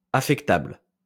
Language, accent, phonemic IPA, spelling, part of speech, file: French, France, /a.fɛk.tabl/, affectable, adjective, LL-Q150 (fra)-affectable.wav
- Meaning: affectable